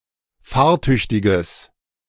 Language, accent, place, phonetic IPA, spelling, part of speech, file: German, Germany, Berlin, [ˈfaːɐ̯ˌtʏçtɪɡəs], fahrtüchtiges, adjective, De-fahrtüchtiges.ogg
- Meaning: strong/mixed nominative/accusative neuter singular of fahrtüchtig